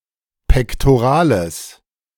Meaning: strong/mixed nominative/accusative neuter singular of pektoral
- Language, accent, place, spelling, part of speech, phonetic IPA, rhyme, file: German, Germany, Berlin, pektorales, adjective, [pɛktoˈʁaːləs], -aːləs, De-pektorales.ogg